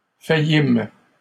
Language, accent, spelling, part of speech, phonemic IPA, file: French, Canada, faillîmes, verb, /fa.jim/, LL-Q150 (fra)-faillîmes.wav
- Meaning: first-person plural past historic of faillir